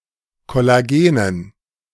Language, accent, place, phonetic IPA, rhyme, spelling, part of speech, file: German, Germany, Berlin, [kɔlaˈɡeːnən], -eːnən, Kollagenen, noun, De-Kollagenen.ogg
- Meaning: dative plural of Kollagen